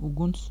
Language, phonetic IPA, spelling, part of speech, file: Latvian, [uɡuns], uguns, noun, Lv-uguns.ogg
- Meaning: fire (visible light and thermal radiation produced by a body heated to the necessary temperature; flames, group of flames)